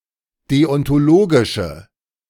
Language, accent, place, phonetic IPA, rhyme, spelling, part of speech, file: German, Germany, Berlin, [ˌdeɔntoˈloːɡɪʃə], -oːɡɪʃə, deontologische, adjective, De-deontologische.ogg
- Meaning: inflection of deontologisch: 1. strong/mixed nominative/accusative feminine singular 2. strong nominative/accusative plural 3. weak nominative all-gender singular